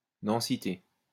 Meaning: density
- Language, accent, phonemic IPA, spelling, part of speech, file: French, France, /dɑ̃.si.te/, densité, noun, LL-Q150 (fra)-densité.wav